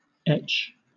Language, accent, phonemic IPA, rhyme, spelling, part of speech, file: English, Southern England, /ɛt͡ʃ/, -ɛtʃ, etch, verb / noun, LL-Q1860 (eng)-etch.wav